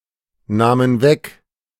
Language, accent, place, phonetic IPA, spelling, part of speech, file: German, Germany, Berlin, [ˌnaːmən ˈvɛk], nahmen weg, verb, De-nahmen weg.ogg
- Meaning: first/third-person plural preterite of wegnehmen